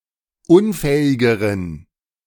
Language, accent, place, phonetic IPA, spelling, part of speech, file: German, Germany, Berlin, [ˈʊnˌfɛːɪɡəʁən], unfähigeren, adjective, De-unfähigeren.ogg
- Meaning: inflection of unfähig: 1. strong genitive masculine/neuter singular comparative degree 2. weak/mixed genitive/dative all-gender singular comparative degree